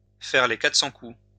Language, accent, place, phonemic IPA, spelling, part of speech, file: French, France, Lyon, /fɛʁ le ka.tʁə.sɑ̃ ku/, faire les 400 coups, verb, LL-Q150 (fra)-faire les 400 coups.wav
- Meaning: alternative spelling of faire les quatre cents coups